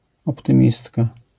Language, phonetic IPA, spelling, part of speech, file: Polish, [ˌɔptɨ̃ˈmʲistka], optymistka, noun, LL-Q809 (pol)-optymistka.wav